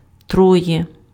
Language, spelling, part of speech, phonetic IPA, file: Ukrainian, троє, numeral, [ˈtrɔje], Uk-троє.ogg
- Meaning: (three, + genitive case)